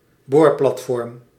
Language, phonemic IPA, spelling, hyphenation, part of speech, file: Dutch, /ˈboːr.plɑtˌfɔrm/, boorplatform, boor‧plat‧form, noun, Nl-boorplatform.ogg
- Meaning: offshore drilling rig